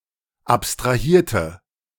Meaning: inflection of abstrahieren: 1. first/third-person singular preterite 2. first/third-person singular subjunctive II
- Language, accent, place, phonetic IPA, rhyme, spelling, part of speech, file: German, Germany, Berlin, [ˌapstʁaˈhiːɐ̯tə], -iːɐ̯tə, abstrahierte, adjective / verb, De-abstrahierte.ogg